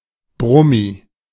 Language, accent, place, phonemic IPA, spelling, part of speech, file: German, Germany, Berlin, /ˈbʁʊmi/, Brummi, noun, De-Brummi.ogg
- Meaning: truck